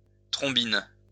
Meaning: face
- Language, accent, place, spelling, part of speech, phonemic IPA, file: French, France, Lyon, trombine, noun, /tʁɔ̃.bin/, LL-Q150 (fra)-trombine.wav